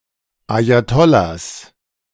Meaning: plural of Ajatollah
- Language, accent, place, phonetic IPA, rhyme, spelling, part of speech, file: German, Germany, Berlin, [ˌajaˈtɔlas], -ɔlas, Ajatollahs, noun, De-Ajatollahs.ogg